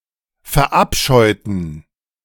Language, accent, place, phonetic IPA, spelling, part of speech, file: German, Germany, Berlin, [fɛɐ̯ˈʔapʃɔɪ̯tn̩], verabscheuten, adjective / verb, De-verabscheuten.ogg
- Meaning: inflection of verabscheuen: 1. first/third-person plural preterite 2. first/third-person plural subjunctive II